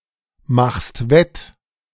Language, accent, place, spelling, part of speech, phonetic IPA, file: German, Germany, Berlin, machst wett, verb, [ˌmaxst ˈvɛt], De-machst wett.ogg
- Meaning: second-person singular present of wettmachen